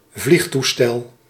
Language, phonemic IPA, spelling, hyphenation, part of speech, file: Dutch, /ˈvlixˌtu.stɛl/, vliegtoestel, vlieg‧toestel, noun, Nl-vliegtoestel.ogg
- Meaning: airplane, aircraft